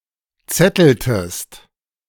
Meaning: inflection of zetteln: 1. second-person singular preterite 2. second-person singular subjunctive II
- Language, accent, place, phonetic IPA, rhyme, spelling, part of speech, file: German, Germany, Berlin, [ˈt͡sɛtl̩təst], -ɛtl̩təst, zetteltest, verb, De-zetteltest.ogg